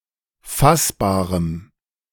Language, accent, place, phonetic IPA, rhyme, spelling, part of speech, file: German, Germany, Berlin, [ˈfasbaːʁəm], -asbaːʁəm, fassbarem, adjective, De-fassbarem.ogg
- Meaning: strong dative masculine/neuter singular of fassbar